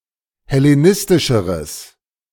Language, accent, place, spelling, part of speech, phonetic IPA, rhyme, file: German, Germany, Berlin, hellenistischeres, adjective, [hɛleˈnɪstɪʃəʁəs], -ɪstɪʃəʁəs, De-hellenistischeres.ogg
- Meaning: strong/mixed nominative/accusative neuter singular comparative degree of hellenistisch